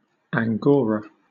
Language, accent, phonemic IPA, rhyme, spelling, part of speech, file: English, Southern England, /æŋˈɡɔːɹə/, -ɔːɹə, angora, noun, LL-Q1860 (eng)-angora.wav
- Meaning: 1. A Turkish Angora cat 2. A goat of a domesticated breed that produces mohair